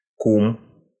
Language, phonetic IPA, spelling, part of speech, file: Russian, [kum], кум, noun, Ru-кум.ogg
- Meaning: 1. godfather of one's child 2. father of one's godchild 3. a friend in high places, one's benefactor 4. security officer, detective 5. man, fellow (form of address to a middle-aged or elderly man)